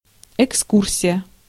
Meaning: 1. excursion, trip, visit, journey, sightseeing, hike, outing (brief recreational trip) 2. tour, guided tour (of a museum, attraction etc.)
- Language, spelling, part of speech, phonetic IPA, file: Russian, экскурсия, noun, [ɪkˈskursʲɪjə], Ru-экскурсия.ogg